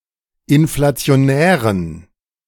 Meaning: inflection of inflationär: 1. strong genitive masculine/neuter singular 2. weak/mixed genitive/dative all-gender singular 3. strong/weak/mixed accusative masculine singular 4. strong dative plural
- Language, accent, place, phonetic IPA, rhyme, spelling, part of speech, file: German, Germany, Berlin, [ɪnflat͡si̯oˈnɛːʁən], -ɛːʁən, inflationären, adjective, De-inflationären.ogg